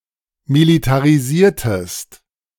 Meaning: inflection of militarisieren: 1. second-person singular preterite 2. second-person singular subjunctive II
- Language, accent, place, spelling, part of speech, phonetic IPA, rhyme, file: German, Germany, Berlin, militarisiertest, verb, [militaʁiˈziːɐ̯təst], -iːɐ̯təst, De-militarisiertest.ogg